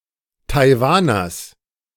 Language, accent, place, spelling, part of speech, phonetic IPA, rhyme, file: German, Germany, Berlin, Taiwaners, noun, [taɪ̯ˈvaːnɐs], -aːnɐs, De-Taiwaners.ogg
- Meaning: genitive singular of Taiwaner